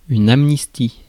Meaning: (noun) amnesty; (verb) inflection of amnistier: 1. first/third-person singular present indicative 2. first-person singular present subjunctive 3. second-person singular imperative
- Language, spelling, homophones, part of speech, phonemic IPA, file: French, amnistie, amnistient / amnisties, noun / verb, /am.nis.ti/, Fr-amnistie.ogg